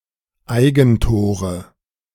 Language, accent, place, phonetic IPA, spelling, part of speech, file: German, Germany, Berlin, [ˈaɪ̯ɡn̩ˌtoːʁə], Eigentore, noun, De-Eigentore.ogg
- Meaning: nominative/accusative/genitive plural of Eigentor